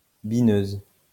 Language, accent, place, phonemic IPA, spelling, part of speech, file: French, France, Lyon, /bi.nøz/, bineuse, noun, LL-Q150 (fra)-bineuse.wav
- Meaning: 1. female equivalent of bineur 2. hoer (agricultural machine)